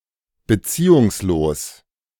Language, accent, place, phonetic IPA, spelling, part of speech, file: German, Germany, Berlin, [bəˈt͡siːʊŋsˌloːs], beziehungslos, adjective, De-beziehungslos.ogg
- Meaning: 1. unrelated, unconnected 2. inconsequential